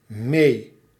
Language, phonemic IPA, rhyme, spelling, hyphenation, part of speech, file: Dutch, /meː/, -eː, mee, mee, adverb / adjective, Nl-mee.ogg
- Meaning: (adverb) 1. adverbial form of met 2. along, together (i.e. with one); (adjective) able to follow